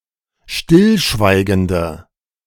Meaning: inflection of stillschweigend: 1. strong/mixed nominative/accusative feminine singular 2. strong nominative/accusative plural 3. weak nominative all-gender singular
- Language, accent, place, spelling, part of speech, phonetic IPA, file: German, Germany, Berlin, stillschweigende, adjective, [ˈʃtɪlˌʃvaɪ̯ɡəndə], De-stillschweigende.ogg